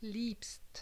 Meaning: second-person singular present of lieben
- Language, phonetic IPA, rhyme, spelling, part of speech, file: German, [liːpst], -iːpst, liebst, verb, De-liebst.ogg